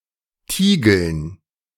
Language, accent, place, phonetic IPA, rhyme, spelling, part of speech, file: German, Germany, Berlin, [ˈtiːɡl̩n], -iːɡl̩n, Tiegeln, noun, De-Tiegeln.ogg
- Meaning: dative plural of Tiegel